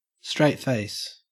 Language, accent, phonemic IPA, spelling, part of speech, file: English, Australia, /ˌstɹeɪt ˈfeɪs/, straight face, noun, En-au-straight face.ogg
- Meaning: A face that is expressionless, especially not laughing